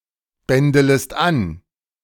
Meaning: second-person singular subjunctive I of anbändeln
- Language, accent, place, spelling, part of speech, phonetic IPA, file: German, Germany, Berlin, bändelest an, verb, [ˌbɛndələst ˈan], De-bändelest an.ogg